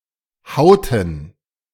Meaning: inflection of hauen: 1. first/third-person plural preterite 2. first/third-person plural subjunctive II
- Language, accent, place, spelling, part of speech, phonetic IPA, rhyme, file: German, Germany, Berlin, hauten, verb, [ˈhaʊ̯tn̩], -aʊ̯tn̩, De-hauten.ogg